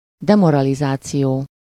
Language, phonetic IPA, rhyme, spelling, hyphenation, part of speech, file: Hungarian, [ˈdɛmorɒlizaːt͡sijoː], -joː, demoralizáció, de‧mo‧ra‧li‧zá‧ció, noun, Hu-demoralizáció.ogg
- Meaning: demoralization